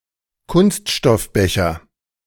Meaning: plastic cup
- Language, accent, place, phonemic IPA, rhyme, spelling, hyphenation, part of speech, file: German, Germany, Berlin, /ˈkʊnstʃtɔfˌbɛçɐ/, -ɛçɐ, Kunststoffbecher, Kunst‧stoff‧be‧cher, noun, De-Kunststoffbecher.ogg